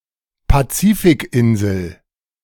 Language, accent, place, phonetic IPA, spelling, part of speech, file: German, Germany, Berlin, [paˈt͡siːfɪkˌʔɪnzl̩], Pazifikinsel, noun, De-Pazifikinsel.ogg
- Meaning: Pacific island